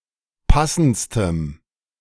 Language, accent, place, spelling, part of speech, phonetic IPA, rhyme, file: German, Germany, Berlin, passendstem, adjective, [ˈpasn̩t͡stəm], -asn̩t͡stəm, De-passendstem.ogg
- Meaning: strong dative masculine/neuter singular superlative degree of passend